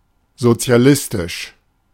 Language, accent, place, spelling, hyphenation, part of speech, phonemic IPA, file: German, Germany, Berlin, sozialistisch, so‧zi‧a‧lis‧tisch, adjective, /zot͡si̯aˈlɪstɪʃ/, De-sozialistisch.ogg
- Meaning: socialist, socialistic